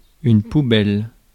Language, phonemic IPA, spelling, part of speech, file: French, /pu.bɛl/, poubelle, noun, Fr-poubelle.ogg
- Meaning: 1. rubbish bin, garbage can 2. trash, rubbish